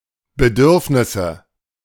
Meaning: nominative/accusative/genitive plural of Bedürfnis
- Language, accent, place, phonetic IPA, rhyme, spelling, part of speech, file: German, Germany, Berlin, [bəˈdʏʁfnɪsə], -ʏʁfnɪsə, Bedürfnisse, noun, De-Bedürfnisse.ogg